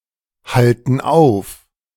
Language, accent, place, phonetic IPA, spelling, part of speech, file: German, Germany, Berlin, [ˌhaltn̩ ˈaʊ̯f], halten auf, verb, De-halten auf.ogg
- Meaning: inflection of aufhalten: 1. first/third-person plural present 2. first/third-person plural subjunctive I